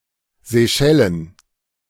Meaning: Seychelles (an archipelago and country in East Africa, in the Indian Ocean)
- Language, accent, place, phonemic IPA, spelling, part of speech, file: German, Germany, Berlin, /zeˈʃɛlən/, Seychellen, proper noun, De-Seychellen.ogg